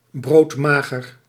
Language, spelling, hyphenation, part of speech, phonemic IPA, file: Dutch, broodmager, brood‧ma‧ger, adjective, /ˌbroːtˈmaː.ɣər/, Nl-broodmager.ogg
- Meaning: very skinny